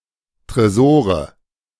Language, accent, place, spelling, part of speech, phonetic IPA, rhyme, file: German, Germany, Berlin, Tresore, noun, [tʁeˈzoːʁə], -oːʁə, De-Tresore.ogg
- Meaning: nominative/accusative/genitive plural of Tresor